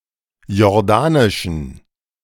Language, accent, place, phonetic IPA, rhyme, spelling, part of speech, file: German, Germany, Berlin, [jɔʁˈdaːnɪʃn̩], -aːnɪʃn̩, jordanischen, adjective, De-jordanischen.ogg
- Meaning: inflection of jordanisch: 1. strong genitive masculine/neuter singular 2. weak/mixed genitive/dative all-gender singular 3. strong/weak/mixed accusative masculine singular 4. strong dative plural